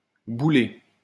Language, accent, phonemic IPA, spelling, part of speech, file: French, France, /bu.le/, bouler, verb, LL-Q150 (fra)-bouler.wav
- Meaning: to inflate, swell up